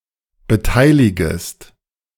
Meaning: second-person singular subjunctive I of beteiligen
- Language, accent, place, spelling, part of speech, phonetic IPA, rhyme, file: German, Germany, Berlin, beteiligest, verb, [bəˈtaɪ̯lɪɡəst], -aɪ̯lɪɡəst, De-beteiligest.ogg